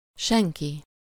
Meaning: no one, nobody, none
- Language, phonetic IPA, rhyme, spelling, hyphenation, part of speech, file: Hungarian, [ˈʃɛŋki], -ki, senki, sen‧ki, pronoun, Hu-senki.ogg